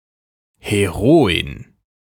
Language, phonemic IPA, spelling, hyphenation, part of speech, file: German, /heˈʁoː.ɪn/, Heroin, He‧ro‧in, noun, De-Heroin.ogg
- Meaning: 1. female hero 2. heroine, female protagonist